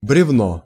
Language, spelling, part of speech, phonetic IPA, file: Russian, бревно, noun, [brʲɪvˈno], Ru-бревно.ogg
- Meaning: 1. log, beam (trunk of dead tree, cleared of branches) 2. lumber 3. beam, balance beam 4. a stupid, heartless, emotionless man 5. dead fish, cold fish (a very passive sexual partner)